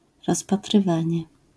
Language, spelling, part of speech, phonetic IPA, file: Polish, rozpatrywanie, noun, [ˌrɔspatrɨˈvãɲɛ], LL-Q809 (pol)-rozpatrywanie.wav